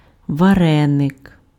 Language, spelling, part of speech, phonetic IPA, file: Ukrainian, вареник, noun, [ʋɐˈrɛnek], Uk-вареник.ogg
- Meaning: a varenik/varenyk; a single vareniki/varenyky dumpling